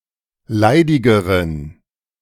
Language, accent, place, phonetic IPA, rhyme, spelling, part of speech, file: German, Germany, Berlin, [ˈlaɪ̯dɪɡəʁən], -aɪ̯dɪɡəʁən, leidigeren, adjective, De-leidigeren.ogg
- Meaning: inflection of leidig: 1. strong genitive masculine/neuter singular comparative degree 2. weak/mixed genitive/dative all-gender singular comparative degree